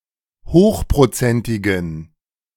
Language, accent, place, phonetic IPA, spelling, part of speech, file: German, Germany, Berlin, [ˈhoːxpʁoˌt͡sɛntɪɡn̩], hochprozentigen, adjective, De-hochprozentigen.ogg
- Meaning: inflection of hochprozentig: 1. strong genitive masculine/neuter singular 2. weak/mixed genitive/dative all-gender singular 3. strong/weak/mixed accusative masculine singular 4. strong dative plural